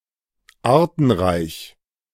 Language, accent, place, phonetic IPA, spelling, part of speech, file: German, Germany, Berlin, [ˈaːɐ̯tn̩ˌʁaɪ̯ç], artenreich, adjective, De-artenreich.ogg
- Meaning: speciose (species-rich)